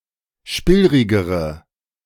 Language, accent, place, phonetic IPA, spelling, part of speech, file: German, Germany, Berlin, [ˈʃpɪlʁɪɡəʁə], spillrigere, adjective, De-spillrigere.ogg
- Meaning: inflection of spillrig: 1. strong/mixed nominative/accusative feminine singular comparative degree 2. strong nominative/accusative plural comparative degree